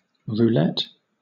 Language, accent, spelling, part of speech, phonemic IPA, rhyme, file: English, Southern England, roulette, noun / verb, /ɹuːˈlɛt/, -ɛt, LL-Q1860 (eng)-roulette.wav